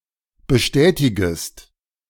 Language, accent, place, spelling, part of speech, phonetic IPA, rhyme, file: German, Germany, Berlin, bestätigest, verb, [bəˈʃtɛːtɪɡəst], -ɛːtɪɡəst, De-bestätigest.ogg
- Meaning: second-person singular subjunctive I of bestätigen